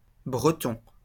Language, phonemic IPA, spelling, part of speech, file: French, /bʁə.tɔ̃/, Breton, noun, LL-Q150 (fra)-Breton.wav
- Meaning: Breton (native or inhabitant of the region of Brittany, France) (usually male)